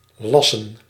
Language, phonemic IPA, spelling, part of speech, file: Dutch, /ˈlɑ.sə(n)/, lassen, verb, Nl-lassen.ogg
- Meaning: to weld